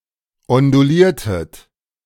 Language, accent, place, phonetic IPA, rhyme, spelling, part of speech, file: German, Germany, Berlin, [ɔnduˈliːɐ̯tət], -iːɐ̯tət, onduliertet, verb, De-onduliertet.ogg
- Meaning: inflection of ondulieren: 1. second-person plural preterite 2. second-person plural subjunctive II